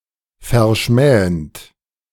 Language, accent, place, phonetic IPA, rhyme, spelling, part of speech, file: German, Germany, Berlin, [fɛɐ̯ˈʃmɛːənt], -ɛːənt, verschmähend, verb, De-verschmähend.ogg
- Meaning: present participle of verschmähen